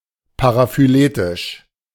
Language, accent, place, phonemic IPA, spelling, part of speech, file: German, Germany, Berlin, /paʁafyˈleːtɪʃ/, paraphyletisch, adjective, De-paraphyletisch.ogg
- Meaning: paraphyletic (excluding some descendants of the most recent common ancestor)